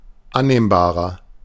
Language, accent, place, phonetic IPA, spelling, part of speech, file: German, Germany, Berlin, [ˈanneːmbaːʁɐ], annehmbarer, adjective, De-annehmbarer.ogg
- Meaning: 1. comparative degree of annehmbar 2. inflection of annehmbar: strong/mixed nominative masculine singular 3. inflection of annehmbar: strong genitive/dative feminine singular